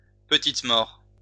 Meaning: orgasm
- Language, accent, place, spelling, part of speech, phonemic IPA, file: French, France, Lyon, petite mort, noun, /pə.tit mɔʁ/, LL-Q150 (fra)-petite mort.wav